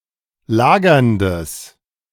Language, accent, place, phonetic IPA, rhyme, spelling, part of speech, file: German, Germany, Berlin, [ˈlaːɡɐndəs], -aːɡɐndəs, lagerndes, adjective, De-lagerndes.ogg
- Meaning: strong/mixed nominative/accusative neuter singular of lagernd